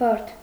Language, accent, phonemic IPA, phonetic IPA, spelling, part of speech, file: Armenian, Eastern Armenian, /bɑɾtʰ/, [bɑɾtʰ], բարդ, adjective / noun, Hy-բարդ.ogg
- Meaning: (adjective) 1. complicated, complex, difficult 2. compound, composite; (noun) heap of corn or grass